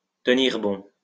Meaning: to hold tight, to hold steady, to hang on, to keep going; to tough it out, to stick it out
- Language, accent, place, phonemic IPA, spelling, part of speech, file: French, France, Lyon, /tə.niʁ bɔ̃/, tenir bon, verb, LL-Q150 (fra)-tenir bon.wav